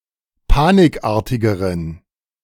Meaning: inflection of panikartig: 1. strong genitive masculine/neuter singular comparative degree 2. weak/mixed genitive/dative all-gender singular comparative degree
- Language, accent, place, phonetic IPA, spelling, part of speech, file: German, Germany, Berlin, [ˈpaːnɪkˌʔaːɐ̯tɪɡəʁən], panikartigeren, adjective, De-panikartigeren.ogg